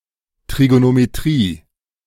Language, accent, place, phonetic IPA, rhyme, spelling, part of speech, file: German, Germany, Berlin, [ˌtʁiɡonomeˈtʁiː], -iː, Trigonometrie, noun, De-Trigonometrie.ogg
- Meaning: trigonometry